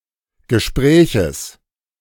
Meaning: genitive singular of Gespräch
- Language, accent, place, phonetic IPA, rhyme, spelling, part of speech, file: German, Germany, Berlin, [ɡəˈʃpʁɛːçəs], -ɛːçəs, Gespräches, noun, De-Gespräches.ogg